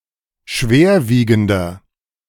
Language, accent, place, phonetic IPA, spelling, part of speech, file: German, Germany, Berlin, [ˈʃveːɐ̯ˌviːɡn̩dɐ], schwerwiegender, adjective, De-schwerwiegender.ogg
- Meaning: 1. comparative degree of schwerwiegend 2. inflection of schwerwiegend: strong/mixed nominative masculine singular 3. inflection of schwerwiegend: strong genitive/dative feminine singular